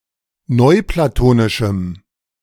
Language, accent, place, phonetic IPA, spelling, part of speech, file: German, Germany, Berlin, [ˈnɔɪ̯plaˌtoːnɪʃm̩], neuplatonischem, adjective, De-neuplatonischem.ogg
- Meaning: strong dative masculine/neuter singular of neuplatonisch